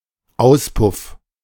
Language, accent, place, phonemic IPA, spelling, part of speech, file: German, Germany, Berlin, /ˈaʊ̯spʊf/, Auspuff, noun, De-Auspuff.ogg
- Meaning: exhaust (exhaust pipe, especially on a motor vehicle)